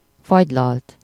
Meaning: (verb) 1. third-person singular indicative past indefinite of fagylal 2. past participle of fagylal; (noun) ice cream (sold by scoops or from a dispenser)
- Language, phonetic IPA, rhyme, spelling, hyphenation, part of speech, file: Hungarian, [ˈfɒɟlɒlt], -ɒlt, fagylalt, fagy‧lalt, verb / noun, Hu-fagylalt.ogg